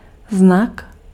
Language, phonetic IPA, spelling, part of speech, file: Czech, [ˈznak], znak, noun, Cs-znak.ogg
- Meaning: 1. character (written or printed symbol, or letter) 2. character, characteristic (a distinguishing feature) 3. sign 4. coat of arms